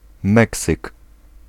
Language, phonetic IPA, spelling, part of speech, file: Polish, [ˈmɛksɨk], meksyk, noun, Pl-meksyk.ogg